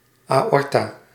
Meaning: aorta
- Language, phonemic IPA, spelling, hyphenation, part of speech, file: Dutch, /ˌaːˈɔr.taː/, aorta, aor‧ta, noun, Nl-aorta.ogg